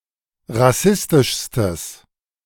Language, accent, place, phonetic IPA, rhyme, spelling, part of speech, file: German, Germany, Berlin, [ʁaˈsɪstɪʃstəs], -ɪstɪʃstəs, rassistischstes, adjective, De-rassistischstes.ogg
- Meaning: strong/mixed nominative/accusative neuter singular superlative degree of rassistisch